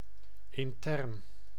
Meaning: internal, inside of something, of the body etc
- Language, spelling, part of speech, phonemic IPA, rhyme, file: Dutch, intern, adjective, /ɪnˈtɛrn/, -ɛrn, Nl-intern.ogg